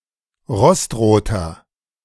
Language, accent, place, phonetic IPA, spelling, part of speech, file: German, Germany, Berlin, [ˈʁɔstˌʁoːtɐ], rostroter, adjective, De-rostroter.ogg
- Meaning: inflection of rostrot: 1. strong/mixed nominative masculine singular 2. strong genitive/dative feminine singular 3. strong genitive plural